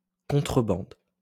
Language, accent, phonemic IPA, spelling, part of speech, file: French, France, /kɔ̃.tʁə.bɑ̃d/, contrebande, noun, LL-Q150 (fra)-contrebande.wav
- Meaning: smuggling